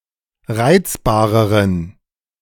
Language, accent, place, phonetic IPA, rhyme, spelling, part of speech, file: German, Germany, Berlin, [ˈʁaɪ̯t͡sbaːʁəʁən], -aɪ̯t͡sbaːʁəʁən, reizbareren, adjective, De-reizbareren.ogg
- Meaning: inflection of reizbar: 1. strong genitive masculine/neuter singular comparative degree 2. weak/mixed genitive/dative all-gender singular comparative degree